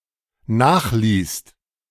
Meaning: second-person singular/plural dependent preterite of nachlassen
- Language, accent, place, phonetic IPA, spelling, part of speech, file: German, Germany, Berlin, [ˈnaːxˌliːst], nachließt, verb, De-nachließt.ogg